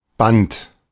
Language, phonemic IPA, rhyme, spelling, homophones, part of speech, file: German, /bant/, -ant, Band, bannt, noun, De-Band.oga
- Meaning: 1. tape, ribbon 2. A ligament 3. band or tie holding items together 4. belt (conveyor belt, fan belt, etc.) 5. band of the spectrum 6. intimate bond to a person 7. dependence, social bond 8. shackle